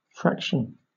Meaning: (noun) A part of a whole, especially a comparatively small part
- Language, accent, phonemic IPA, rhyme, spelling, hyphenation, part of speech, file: English, Southern England, /ˈfɹæk.ʃən/, -ækʃən, fraction, frac‧tion, noun / verb, LL-Q1860 (eng)-fraction.wav